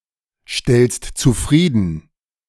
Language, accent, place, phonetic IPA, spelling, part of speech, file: German, Germany, Berlin, [ˌʃtɛlst t͡suˈfʁiːdn̩], stellst zufrieden, verb, De-stellst zufrieden.ogg
- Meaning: second-person singular present of zufriedenstellen